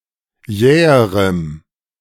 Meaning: strong dative masculine/neuter singular comparative degree of jäh
- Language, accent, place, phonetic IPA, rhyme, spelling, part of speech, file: German, Germany, Berlin, [ˈjɛːəʁəm], -ɛːəʁəm, jäherem, adjective, De-jäherem.ogg